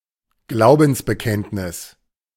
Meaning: creed; statement of faith
- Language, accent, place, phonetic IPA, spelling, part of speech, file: German, Germany, Berlin, [ˈɡlaʊ̯bn̩sbəˌkɛntnɪs], Glaubensbekenntnis, noun, De-Glaubensbekenntnis.ogg